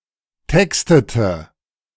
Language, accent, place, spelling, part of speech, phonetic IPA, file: German, Germany, Berlin, textete, verb, [ˈtɛkstətə], De-textete.ogg
- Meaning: inflection of texten: 1. first/third-person singular preterite 2. first/third-person singular subjunctive II